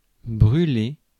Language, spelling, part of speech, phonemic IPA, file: French, brûlé, verb / adjective, /bʁy.le/, Fr-brûlé.ogg
- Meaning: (verb) past participle of brûler; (adjective) burnt, burned